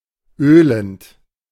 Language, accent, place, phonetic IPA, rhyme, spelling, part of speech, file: German, Germany, Berlin, [ˈøːlənt], -øːlənt, ölend, verb, De-ölend.ogg
- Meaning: present participle of ölen